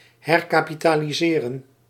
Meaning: to recapitalize
- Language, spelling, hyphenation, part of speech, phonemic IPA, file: Dutch, herkapitaliseren, her‧ka‧pi‧ta‧li‧se‧ren, verb, /ɦɛr.kaː.pi.taː.liˈzeː.rə(n)/, Nl-herkapitaliseren.ogg